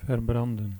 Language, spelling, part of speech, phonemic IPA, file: Dutch, verbranden, verb, /vərˈbrɑndə(n)/, Nl-verbranden.ogg
- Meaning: 1. to burn, consume/kill in fire 2. to be consumed by fire 3. to be sunburnt 4. to burn, affect gravely with corrosive etc. chemicals 5. to burn, be affected gravely with corrosive etc. chemicals